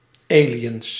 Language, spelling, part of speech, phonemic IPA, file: Dutch, aliens, noun, /ˈe.lə.jəns/, Nl-aliens.ogg
- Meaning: plural of alien